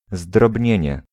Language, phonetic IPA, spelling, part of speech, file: Polish, [zdrɔbʲˈɲɛ̇̃ɲɛ], zdrobnienie, noun, Pl-zdrobnienie.ogg